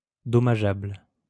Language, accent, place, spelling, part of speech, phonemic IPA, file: French, France, Lyon, dommageable, adjective, /dɔ.ma.ʒabl/, LL-Q150 (fra)-dommageable.wav
- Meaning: damaging; causing damage